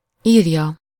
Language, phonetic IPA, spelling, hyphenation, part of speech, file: Hungarian, [ˈiːrjɒ], írja, ír‧ja, verb / noun, Hu-írja.ogg
- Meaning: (verb) 1. third-person singular indicative present definite of ír 2. third-person singular subjunctive present definite of ír; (noun) third-person singular single-possession possessive of ír